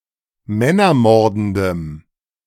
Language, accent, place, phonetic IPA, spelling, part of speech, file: German, Germany, Berlin, [ˈmɛnɐˌmɔʁdn̩dəm], männermordendem, adjective, De-männermordendem.ogg
- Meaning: strong dative masculine/neuter singular of männermordend